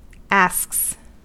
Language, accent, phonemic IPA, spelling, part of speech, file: English, US, /æsks/, asks, verb / noun, En-us-asks.ogg
- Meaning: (verb) third-person singular simple present indicative of ask; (noun) plural of ask